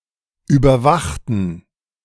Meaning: inflection of überwachen: 1. first/third-person plural preterite 2. first/third-person plural subjunctive II
- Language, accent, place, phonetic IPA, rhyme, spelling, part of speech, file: German, Germany, Berlin, [ˌyːbɐˈvaxtn̩], -axtn̩, überwachten, adjective / verb, De-überwachten.ogg